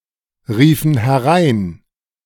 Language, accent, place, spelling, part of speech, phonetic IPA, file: German, Germany, Berlin, riefen herein, verb, [ˌʁiːfn̩ hɛˈʁaɪ̯n], De-riefen herein.ogg
- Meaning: inflection of hereinrufen: 1. first/third-person plural preterite 2. first/third-person plural subjunctive II